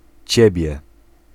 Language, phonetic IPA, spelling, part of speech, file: Polish, [ˈt͡ɕɛbʲjɛ], ciebie, pronoun, Pl-ciebie.ogg